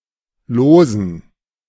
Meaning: dative plural of Los
- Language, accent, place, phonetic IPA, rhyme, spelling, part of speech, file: German, Germany, Berlin, [ˈloːzn̩], -oːzn̩, Losen, noun, De-Losen.ogg